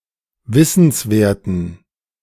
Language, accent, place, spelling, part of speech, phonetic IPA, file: German, Germany, Berlin, wissenswerten, adjective, [ˈvɪsn̩sˌveːɐ̯tn̩], De-wissenswerten.ogg
- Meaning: inflection of wissenswert: 1. strong genitive masculine/neuter singular 2. weak/mixed genitive/dative all-gender singular 3. strong/weak/mixed accusative masculine singular 4. strong dative plural